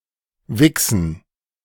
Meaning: gerund of wichsen
- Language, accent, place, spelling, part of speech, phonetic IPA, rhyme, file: German, Germany, Berlin, Wichsen, noun, [ˈvɪksn̩], -ɪksn̩, De-Wichsen.ogg